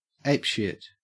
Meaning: 1. Out of control due to anger or excitement 2. awesome
- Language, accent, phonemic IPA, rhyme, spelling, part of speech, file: English, Australia, /ˈeɪp.ʃɪt/, -ɪt, apeshit, adjective, En-au-apeshit.ogg